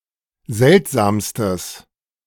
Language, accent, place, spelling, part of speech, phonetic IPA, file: German, Germany, Berlin, seltsamstes, adjective, [ˈzɛltzaːmstəs], De-seltsamstes.ogg
- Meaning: strong/mixed nominative/accusative neuter singular superlative degree of seltsam